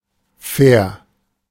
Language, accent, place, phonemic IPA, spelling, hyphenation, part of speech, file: German, Germany, Berlin, /fɛːr/, fair, fair, adjective, De-fair.ogg
- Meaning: fair (just, honest, equitable, adequate)